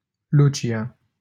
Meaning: a female given name, equivalent to English Lucy
- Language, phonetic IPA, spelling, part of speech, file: Romanian, [ˈlu.tʃja], Lucia, proper noun, LL-Q7913 (ron)-Lucia.wav